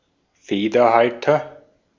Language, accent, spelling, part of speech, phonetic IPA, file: German, Austria, Federhalter, noun, [ˈfeːdɐˌhaltɐ], De-at-Federhalter.ogg
- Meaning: penholder, pen